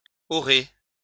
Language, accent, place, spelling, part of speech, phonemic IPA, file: French, France, Lyon, aurez, verb, /ɔ.ʁe/, LL-Q150 (fra)-aurez.wav
- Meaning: second-person plural future of avoir